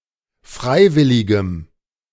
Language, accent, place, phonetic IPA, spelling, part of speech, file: German, Germany, Berlin, [ˈfʁaɪ̯ˌvɪlɪɡəm], freiwilligem, adjective, De-freiwilligem.ogg
- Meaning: strong dative masculine/neuter singular of freiwillig